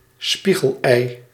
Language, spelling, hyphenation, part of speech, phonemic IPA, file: Dutch, spiegelei, spie‧gel‧ei, noun, /ˈspi.ɣəlˌɛi̯/, Nl-spiegelei.ogg
- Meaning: fried egg sunny side up